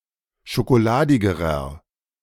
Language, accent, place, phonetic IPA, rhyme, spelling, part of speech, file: German, Germany, Berlin, [ʃokoˈlaːdɪɡəʁɐ], -aːdɪɡəʁɐ, schokoladigerer, adjective, De-schokoladigerer.ogg
- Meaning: inflection of schokoladig: 1. strong/mixed nominative masculine singular comparative degree 2. strong genitive/dative feminine singular comparative degree 3. strong genitive plural comparative degree